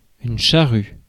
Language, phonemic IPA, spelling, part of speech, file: French, /ʃa.ʁy/, charrue, noun, Fr-charrue.ogg
- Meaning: 1. plough 2. snow plow (US), snow plough (UK)